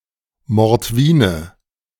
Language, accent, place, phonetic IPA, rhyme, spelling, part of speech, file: German, Germany, Berlin, [mɔʁtˈviːnə], -iːnə, Mordwine, noun, De-Mordwine.ogg
- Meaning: Mordvin (man belonging to the Mordvin people)